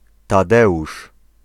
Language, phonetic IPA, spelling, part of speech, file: Polish, [taˈdɛʷuʃ], Tadeusz, proper noun, Pl-Tadeusz.ogg